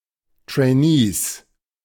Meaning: 1. genitive singular of Trainee 2. plural of Trainee
- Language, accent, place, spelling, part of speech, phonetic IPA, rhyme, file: German, Germany, Berlin, Trainees, noun, [treɪˈniːs], -iːs, De-Trainees.ogg